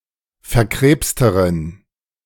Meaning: inflection of verkrebst: 1. strong genitive masculine/neuter singular comparative degree 2. weak/mixed genitive/dative all-gender singular comparative degree
- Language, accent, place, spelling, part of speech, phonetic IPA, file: German, Germany, Berlin, verkrebsteren, adjective, [fɛɐ̯ˈkʁeːpstəʁən], De-verkrebsteren.ogg